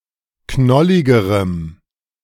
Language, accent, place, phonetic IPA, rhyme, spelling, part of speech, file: German, Germany, Berlin, [ˈknɔlɪɡəʁəm], -ɔlɪɡəʁəm, knolligerem, adjective, De-knolligerem.ogg
- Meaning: strong dative masculine/neuter singular comparative degree of knollig